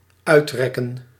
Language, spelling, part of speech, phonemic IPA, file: Dutch, uitrekken, verb, /œytˈrɛkə(n)/, Nl-uitrekken.ogg
- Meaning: to stretch out